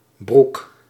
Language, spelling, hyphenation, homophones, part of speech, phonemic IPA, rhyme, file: Dutch, Broek, Broek, broek, proper noun, /bruk/, -uk, Nl-Broek.ogg
- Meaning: 1. a village in De Fryske Marren, Friesland, Netherlands 2. a hamlet and former municipality of Gouda, South Holland, Netherlands 3. a hamlet in Brummen, Gelderland, Netherlands